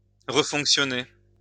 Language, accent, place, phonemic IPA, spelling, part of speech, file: French, France, Lyon, /ʁə.fɔ̃k.sjɔ.ne/, refonctionner, verb, LL-Q150 (fra)-refonctionner.wav
- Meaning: to function again, to start working again